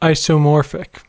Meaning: 1. Related by an isomorphism; having a structure-preserving one-to-one correspondence 2. Having a similar structure or function to something that is not related genetically or through evolution
- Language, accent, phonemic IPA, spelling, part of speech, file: English, US, /ˌaɪ.soʊˈmɔɹ.fɪk/, isomorphic, adjective, En-us-isomorphic.ogg